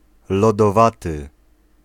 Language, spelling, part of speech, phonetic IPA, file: Polish, lodowaty, adjective, [ˌlɔdɔˈvatɨ], Pl-lodowaty.ogg